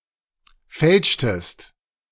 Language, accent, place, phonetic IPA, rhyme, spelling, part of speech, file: German, Germany, Berlin, [ˈfɛlʃtəst], -ɛlʃtəst, fälschtest, verb, De-fälschtest.ogg
- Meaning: inflection of fälschen: 1. second-person singular preterite 2. second-person singular subjunctive II